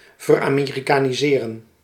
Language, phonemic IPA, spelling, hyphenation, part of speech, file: Dutch, /vər.aːˌmeː.ri.kaː.niˈzeː.rə(n)/, veramerikaniseren, ver‧ame‧ri‧ka‧ni‧se‧ren, verb, Nl-veramerikaniseren.ogg
- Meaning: to Americanise